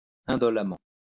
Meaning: indolently
- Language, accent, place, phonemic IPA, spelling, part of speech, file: French, France, Lyon, /ɛ̃.dɔ.la.mɑ̃/, indolemment, adverb, LL-Q150 (fra)-indolemment.wav